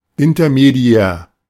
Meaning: intermediary
- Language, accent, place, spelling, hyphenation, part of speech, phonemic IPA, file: German, Germany, Berlin, intermediär, in‧ter‧me‧di‧är, adjective, /ɪntɐmeˈdi̯ɛːɐ̯/, De-intermediär.ogg